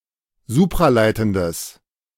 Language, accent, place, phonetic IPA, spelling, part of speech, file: German, Germany, Berlin, [ˈzuːpʁaˌlaɪ̯tn̩dəs], supraleitendes, adjective, De-supraleitendes.ogg
- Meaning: strong/mixed nominative/accusative neuter singular of supraleitend